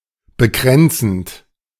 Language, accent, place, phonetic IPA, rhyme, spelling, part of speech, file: German, Germany, Berlin, [bəˈkʁɛnt͡sn̩t], -ɛnt͡sn̩t, bekränzend, verb, De-bekränzend.ogg
- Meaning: present participle of bekränzen